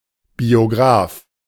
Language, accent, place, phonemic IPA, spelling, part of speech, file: German, Germany, Berlin, /bioˈɡʁaːf/, Biograf, noun, De-Biograf.ogg
- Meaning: biographer (male or of unspecified gender)